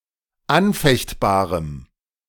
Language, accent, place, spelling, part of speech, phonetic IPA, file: German, Germany, Berlin, anfechtbarem, adjective, [ˈanˌfɛçtbaːʁəm], De-anfechtbarem.ogg
- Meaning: strong dative masculine/neuter singular of anfechtbar